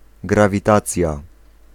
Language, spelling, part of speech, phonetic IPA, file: Polish, grawitacja, noun, [ˌɡravʲiˈtat͡sʲja], Pl-grawitacja.ogg